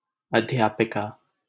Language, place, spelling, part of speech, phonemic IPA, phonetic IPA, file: Hindi, Delhi, अध्यापिका, noun, /əd̪ʱ.jɑː.pɪ.kɑː/, [ɐd̪ʱ.jäː.pɪ.käː], LL-Q1568 (hin)-अध्यापिका.wav
- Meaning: teacher